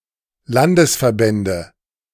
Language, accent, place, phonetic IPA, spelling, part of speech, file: German, Germany, Berlin, [ˈlandəsfɛɐ̯ˌbɛndə], Landesverbände, noun, De-Landesverbände.ogg
- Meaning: nominative/accusative/genitive plural of Landesverband